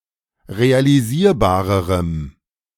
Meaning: strong dative masculine/neuter singular comparative degree of realisierbar
- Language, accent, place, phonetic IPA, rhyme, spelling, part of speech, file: German, Germany, Berlin, [ʁealiˈziːɐ̯baːʁəʁəm], -iːɐ̯baːʁəʁəm, realisierbarerem, adjective, De-realisierbarerem.ogg